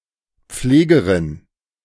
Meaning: female equivalent of Pfleger
- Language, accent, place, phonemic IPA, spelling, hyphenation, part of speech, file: German, Germany, Berlin, /ˈp͡fleːɡəʁɪn/, Pflegerin, Pfle‧ge‧rin, noun, De-Pflegerin.ogg